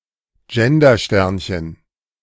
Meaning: asterisk (*) inserted to mark a word as gender-neutral
- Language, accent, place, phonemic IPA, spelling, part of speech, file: German, Germany, Berlin, /ˈd͡ʒɛndɐˌʃtɛʁnçən/, Gendersternchen, noun, De-Gendersternchen.ogg